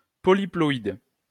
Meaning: polyploid
- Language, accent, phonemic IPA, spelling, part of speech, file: French, France, /pɔ.li.plɔ.id/, polyploïde, adjective, LL-Q150 (fra)-polyploïde.wav